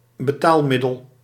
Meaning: a tender, a means of payment
- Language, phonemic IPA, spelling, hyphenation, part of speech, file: Dutch, /bəˈtaːlˌmɪ.dəl/, betaalmiddel, be‧taal‧mid‧del, noun, Nl-betaalmiddel.ogg